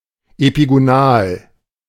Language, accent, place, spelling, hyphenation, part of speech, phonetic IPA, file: German, Germany, Berlin, epigonal, epi‧go‧nal, adjective, [epiɡoˈnaːl], De-epigonal.ogg
- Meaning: epigonic